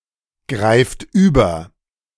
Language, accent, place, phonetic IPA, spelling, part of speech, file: German, Germany, Berlin, [ˌɡʁaɪ̯ft ˈyːbɐ], greift über, verb, De-greift über.ogg
- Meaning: inflection of übergreifen: 1. third-person singular present 2. second-person plural present 3. plural imperative